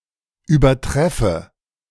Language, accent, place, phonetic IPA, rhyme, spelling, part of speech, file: German, Germany, Berlin, [yːbɐˈtʁɛfə], -ɛfə, übertreffe, verb, De-übertreffe.ogg
- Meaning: inflection of übertreffen: 1. first-person singular present 2. first/third-person singular subjunctive I